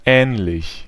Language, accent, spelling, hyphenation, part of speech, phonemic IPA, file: German, Germany, ähnlich, ähn‧lich, adjective, /ˈɛːnlɪç/, De-ähnlich.ogg
- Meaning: similar, alike, resembling